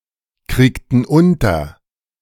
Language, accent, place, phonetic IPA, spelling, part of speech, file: German, Germany, Berlin, [ˌkʁiːktn̩ ˈʊntɐ], kriegten unter, verb, De-kriegten unter.ogg
- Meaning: inflection of unterkriegen: 1. first/third-person plural preterite 2. first/third-person plural subjunctive II